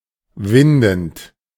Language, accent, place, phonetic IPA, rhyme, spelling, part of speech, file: German, Germany, Berlin, [ˈvɪndn̩t], -ɪndn̩t, windend, verb, De-windend.ogg
- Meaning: present participle of winden